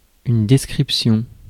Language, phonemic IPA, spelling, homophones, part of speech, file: French, /dɛs.kʁip.sjɔ̃/, description, descriptions, noun, Fr-description.ogg
- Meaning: description